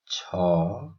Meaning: The nineteenth character in the Odia abugida
- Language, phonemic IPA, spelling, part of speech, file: Odia, /t͡ʃʰɔ/, ଛ, character, Or-ଛ.oga